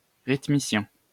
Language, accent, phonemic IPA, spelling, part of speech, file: French, France, /ʁit.mi.sjɛ̃/, rythmicien, noun, LL-Q150 (fra)-rythmicien.wav
- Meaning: rhythmist